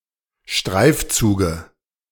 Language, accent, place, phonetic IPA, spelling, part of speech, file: German, Germany, Berlin, [ˈʃtʁaɪ̯fˌt͡suːɡə], Streifzuge, noun, De-Streifzuge.ogg
- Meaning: dative of Streifzug